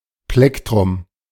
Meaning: plectrum
- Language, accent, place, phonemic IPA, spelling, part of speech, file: German, Germany, Berlin, /ˈplɛktʁʊm/, Plektrum, noun, De-Plektrum.ogg